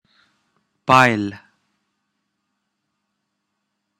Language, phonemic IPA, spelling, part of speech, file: Pashto, /paɪl/, پيل, noun, Ps-پيل.wav
- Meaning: 1. start 2. commencement 3. beginning